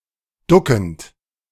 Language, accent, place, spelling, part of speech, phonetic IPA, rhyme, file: German, Germany, Berlin, duckend, verb, [ˈdʊkn̩t], -ʊkn̩t, De-duckend.ogg
- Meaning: present participle of ducken